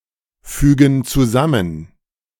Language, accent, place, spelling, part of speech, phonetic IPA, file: German, Germany, Berlin, fügen zusammen, verb, [ˌfyːɡn̩ t͡suˈzamən], De-fügen zusammen.ogg
- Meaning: inflection of zusammenfügen: 1. first/third-person plural present 2. first/third-person plural subjunctive I